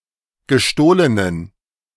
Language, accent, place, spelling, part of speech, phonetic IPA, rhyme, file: German, Germany, Berlin, gestohlenen, adjective, [ɡəˈʃtoːlənən], -oːlənən, De-gestohlenen.ogg
- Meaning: inflection of gestohlen: 1. strong genitive masculine/neuter singular 2. weak/mixed genitive/dative all-gender singular 3. strong/weak/mixed accusative masculine singular 4. strong dative plural